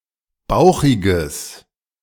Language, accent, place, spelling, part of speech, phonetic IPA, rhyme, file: German, Germany, Berlin, bauchiges, adjective, [ˈbaʊ̯xɪɡəs], -aʊ̯xɪɡəs, De-bauchiges.ogg
- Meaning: strong/mixed nominative/accusative neuter singular of bauchig